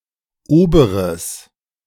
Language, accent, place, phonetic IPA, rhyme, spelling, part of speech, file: German, Germany, Berlin, [ˈoːbəʁəs], -oːbəʁəs, oberes, adjective, De-oberes.ogg
- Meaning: strong/mixed nominative/accusative neuter singular of oberer